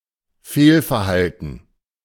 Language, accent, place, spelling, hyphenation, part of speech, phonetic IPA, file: German, Germany, Berlin, Fehlverhalten, Fehl‧ver‧hal‧ten, noun, [ˈfeːlfɛɐ̯ˌhaltn̩], De-Fehlverhalten.ogg
- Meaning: misconduct, wrongdoing